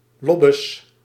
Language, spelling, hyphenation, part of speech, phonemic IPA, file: Dutch, lobbes, lob‧bes, noun, /ˈlɔ.bəs/, Nl-lobbes.ogg
- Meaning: 1. large, well-mannered or friendly dog 2. kindly but oafish person